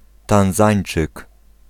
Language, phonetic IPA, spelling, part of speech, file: Polish, [tãw̃ˈzãj̃n͇t͡ʃɨk], Tanzańczyk, noun, Pl-Tanzańczyk.ogg